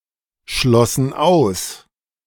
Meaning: first/third-person plural preterite of ausschließen
- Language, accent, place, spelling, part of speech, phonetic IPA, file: German, Germany, Berlin, schlossen aus, verb, [ˌʃlɔsn̩ ˈaʊ̯s], De-schlossen aus.ogg